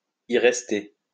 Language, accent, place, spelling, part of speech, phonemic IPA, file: French, France, Lyon, y rester, verb, /i ʁɛs.te/, LL-Q150 (fra)-y rester.wav
- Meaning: to kick the bucket, to buy it, to check out (to die)